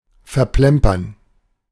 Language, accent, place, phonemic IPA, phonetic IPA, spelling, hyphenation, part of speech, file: German, Germany, Berlin, /fɛʁˈplɛmpəʁn/, [fɛɐ̯ˈplɛmpɐn], verplempern, ver‧plem‧pern, verb, De-verplempern.ogg
- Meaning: 1. to squander, waste, fritter away (time or money) 2. to spill (a liquid)